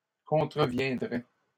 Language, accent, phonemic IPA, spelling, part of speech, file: French, Canada, /kɔ̃.tʁə.vjɛ̃.dʁɛ/, contreviendraient, verb, LL-Q150 (fra)-contreviendraient.wav
- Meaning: third-person plural conditional of contrevenir